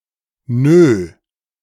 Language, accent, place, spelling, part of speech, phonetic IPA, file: German, Germany, Berlin, nö, interjection, [nøː], De-nö.ogg
- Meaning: alternative form of nein (“no”)